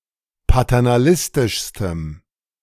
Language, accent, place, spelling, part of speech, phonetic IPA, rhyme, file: German, Germany, Berlin, paternalistischstem, adjective, [patɛʁnaˈlɪstɪʃstəm], -ɪstɪʃstəm, De-paternalistischstem.ogg
- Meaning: strong dative masculine/neuter singular superlative degree of paternalistisch